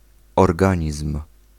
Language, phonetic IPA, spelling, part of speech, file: Polish, [ɔrˈɡãɲism̥], organizm, noun, Pl-organizm.ogg